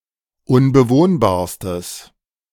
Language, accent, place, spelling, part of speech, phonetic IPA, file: German, Germany, Berlin, unbewohnbarstes, adjective, [ʊnbəˈvoːnbaːɐ̯stəs], De-unbewohnbarstes.ogg
- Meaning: strong/mixed nominative/accusative neuter singular superlative degree of unbewohnbar